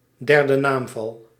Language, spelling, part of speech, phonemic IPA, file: Dutch, derde naamval, noun, /ˌdɛr.də ˈnaːm.vɑl/, Nl-derde naamval.ogg
- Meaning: dative case